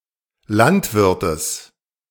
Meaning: genitive singular of Landwirt
- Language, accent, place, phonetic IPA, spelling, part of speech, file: German, Germany, Berlin, [ˈlantˌvɪʁtəs], Landwirtes, noun, De-Landwirtes.ogg